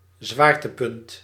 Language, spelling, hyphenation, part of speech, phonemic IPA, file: Dutch, zwaartepunt, zwaar‧te‧punt, noun, /ˈzʋaːr.təˌpʏnt/, Nl-zwaartepunt.ogg
- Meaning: 1. center of mass 2. centroid 3. eye of the storm 4. focus, center of gravity